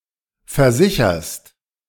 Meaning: second-person singular present of versichern
- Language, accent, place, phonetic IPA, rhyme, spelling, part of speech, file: German, Germany, Berlin, [fɛɐ̯ˈzɪçɐst], -ɪçɐst, versicherst, verb, De-versicherst.ogg